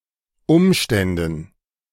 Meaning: dative plural of Umstand
- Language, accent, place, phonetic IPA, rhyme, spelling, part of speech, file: German, Germany, Berlin, [ˈʊmʃtɛndn̩], -ʊmʃtɛndn̩, Umständen, noun, De-Umständen.ogg